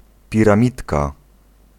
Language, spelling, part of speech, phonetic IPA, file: Polish, piramidka, noun, [ˌpʲirãˈmʲitka], Pl-piramidka.ogg